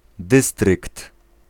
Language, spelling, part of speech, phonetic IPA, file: Polish, dystrykt, noun, [ˈdɨstrɨkt], Pl-dystrykt.ogg